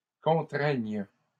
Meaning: first/third-person singular present subjunctive of contraindre
- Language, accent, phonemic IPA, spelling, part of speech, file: French, Canada, /kɔ̃.tʁɛɲ/, contraigne, verb, LL-Q150 (fra)-contraigne.wav